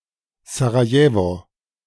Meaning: Sarajevo (the capital city of Bosnia and Herzegovina)
- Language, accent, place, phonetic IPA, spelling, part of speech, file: German, Germany, Berlin, [zaʁaˈjeːvo], Sarajewo, proper noun, De-Sarajewo.ogg